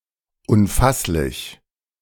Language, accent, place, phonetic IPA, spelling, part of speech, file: German, Germany, Berlin, [ʊnˈfaslɪç], unfasslich, adjective, De-unfasslich.ogg
- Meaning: incomprehensible, inconceivable